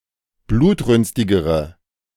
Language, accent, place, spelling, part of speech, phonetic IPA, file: German, Germany, Berlin, blutrünstigere, adjective, [ˈbluːtˌʁʏnstɪɡəʁə], De-blutrünstigere.ogg
- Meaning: inflection of blutrünstig: 1. strong/mixed nominative/accusative feminine singular comparative degree 2. strong nominative/accusative plural comparative degree